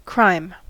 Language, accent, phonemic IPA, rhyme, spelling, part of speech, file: English, General American, /kɹaɪm/, -aɪm, crime, noun / verb, En-us-crime.ogg
- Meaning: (noun) 1. A specific act committed in violation of the law, especially criminal law 2. Any great sin or wickedness; iniquity 3. That which occasions crime 4. Criminal acts collectively